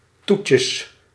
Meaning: plural of toetje
- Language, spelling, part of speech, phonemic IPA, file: Dutch, toetjes, noun, /ˈtucəs/, Nl-toetjes.ogg